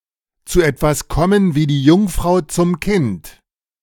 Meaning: to fall into one's lap
- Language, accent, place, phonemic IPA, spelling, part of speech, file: German, Germany, Berlin, /t͡suː ˈɛtvas ˈkɔmən viː diː ˈjuŋfʁaʊ̯ t͡sʊm kɪnt/, zu etwas kommen wie die Jungfrau zum Kind, verb, De-zu etwas kommen wie die Jungfrau zum Kind.ogg